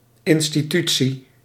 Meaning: institution
- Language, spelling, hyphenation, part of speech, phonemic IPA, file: Dutch, institutie, in‧sti‧tu‧tie, noun, /ˌɪn.stiˈty.(t)si/, Nl-institutie.ogg